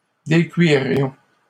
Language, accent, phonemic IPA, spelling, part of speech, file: French, Canada, /de.kɥi.ʁjɔ̃/, décuirions, verb, LL-Q150 (fra)-décuirions.wav
- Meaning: first-person plural conditional of décuire